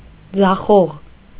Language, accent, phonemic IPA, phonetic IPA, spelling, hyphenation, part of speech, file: Armenian, Eastern Armenian, /d͡zɑˈχoʁ/, [d͡zɑχóʁ], ձախող, ձա‧խող, adjective, Hy-ձախող.ogg
- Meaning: 1. unlucky, sinister 2. unlucky, unsuccessful 3. unlucky person, a failure